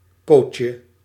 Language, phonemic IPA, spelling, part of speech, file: Dutch, /ˈpocə/, pootje, noun, Nl-pootje.ogg
- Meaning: 1. diminutive of po 2. diminutive of poot